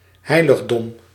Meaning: holy building or place, sanctuary
- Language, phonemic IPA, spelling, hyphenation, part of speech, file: Dutch, /ˈɦɛi̯.ləɣ.dɔm/, heiligdom, hei‧lig‧dom, noun, Nl-heiligdom.ogg